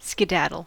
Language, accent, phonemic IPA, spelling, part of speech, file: English, US, /skɪˈdædɫ̩/, skedaddle, verb / noun, En-us-skedaddle.ogg
- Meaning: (verb) 1. To move or run away quickly 2. To spill; to scatter; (noun) The act of running away; a scurrying off